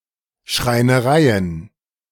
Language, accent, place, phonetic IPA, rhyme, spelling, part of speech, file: German, Germany, Berlin, [ʃʁaɪ̯nəˈʁaɪ̯ən], -aɪ̯ən, Schreinereien, noun, De-Schreinereien.ogg
- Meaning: plural of Schreinerei